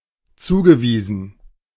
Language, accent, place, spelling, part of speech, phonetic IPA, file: German, Germany, Berlin, zugewiesen, verb, [ˈt͡suːɡəˌviːzn̩], De-zugewiesen.ogg
- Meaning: past participle of zuweisen